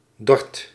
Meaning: informal form of Dordrecht
- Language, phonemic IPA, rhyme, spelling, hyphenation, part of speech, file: Dutch, /dɔrt/, -ɔrt, Dordt, Dordt, proper noun, Nl-Dordt.ogg